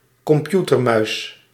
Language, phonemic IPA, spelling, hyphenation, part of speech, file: Dutch, /kɔmˈpju.tərˌmœy̯s/, computermuis, com‧pu‧ter‧muis, noun, Nl-computermuis.ogg
- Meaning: mouse (manual, click-operated input device)